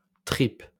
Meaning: 1. tripe (food) 2. courage
- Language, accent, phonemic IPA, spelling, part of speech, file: French, France, /tʁip/, tripes, noun, LL-Q150 (fra)-tripes.wav